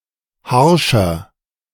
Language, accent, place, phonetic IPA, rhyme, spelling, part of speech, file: German, Germany, Berlin, [ˈhaʁʃɐ], -aʁʃɐ, harscher, adjective, De-harscher.ogg
- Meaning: 1. comparative degree of harsch 2. inflection of harsch: strong/mixed nominative masculine singular 3. inflection of harsch: strong genitive/dative feminine singular